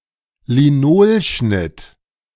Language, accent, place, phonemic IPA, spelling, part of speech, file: German, Germany, Berlin, /liˈnoːlʃnɪt/, Linolschnitt, noun, De-Linolschnitt.ogg
- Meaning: linocut